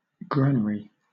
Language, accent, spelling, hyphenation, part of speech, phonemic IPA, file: English, Southern England, granary, gran‧a‧ry, noun, /ˈɡɹan(ə)ɹi/, LL-Q1860 (eng)-granary.wav
- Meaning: 1. A storage facility for grain or sometimes animal feed 2. A fertile, grain-growing region